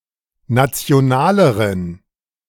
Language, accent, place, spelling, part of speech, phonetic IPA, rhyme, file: German, Germany, Berlin, nationaleren, adjective, [ˌnat͡si̯oˈnaːləʁən], -aːləʁən, De-nationaleren.ogg
- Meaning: inflection of national: 1. strong genitive masculine/neuter singular comparative degree 2. weak/mixed genitive/dative all-gender singular comparative degree